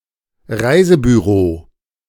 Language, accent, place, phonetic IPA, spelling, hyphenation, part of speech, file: German, Germany, Berlin, [ˈʁaɪ̯zəbyˌʁoː], Reisebüro, Rei‧se‧bü‧ro, noun, De-Reisebüro.ogg
- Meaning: travel agency